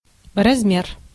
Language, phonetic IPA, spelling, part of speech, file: Russian, [rɐzˈmʲer], размер, noun, Ru-размер.ogg
- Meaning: 1. size, dimension, measure, amount 2. meter, metre 3. time, measure